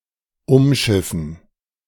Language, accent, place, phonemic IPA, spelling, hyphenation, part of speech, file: German, Germany, Berlin, /ʊmˈʃɪfn̩/, umschiffen, um‧schif‧fen, verb, De-umschiffen.ogg
- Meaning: 1. to circumnavigate 2. to work around, to avoid